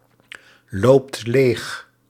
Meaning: inflection of leeglopen: 1. second/third-person singular present indicative 2. plural imperative
- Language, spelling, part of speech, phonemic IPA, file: Dutch, loopt leeg, verb, /ˈlopt ˈlex/, Nl-loopt leeg.ogg